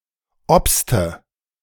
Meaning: inflection of obsen: 1. first/third-person singular preterite 2. first/third-person singular subjunctive II
- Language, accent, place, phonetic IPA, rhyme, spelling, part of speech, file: German, Germany, Berlin, [ˈɔpstə], -ɔpstə, obste, verb, De-obste.ogg